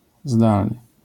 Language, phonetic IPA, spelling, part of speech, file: Polish, [ˈzdalnɨ], zdalny, adjective, LL-Q809 (pol)-zdalny.wav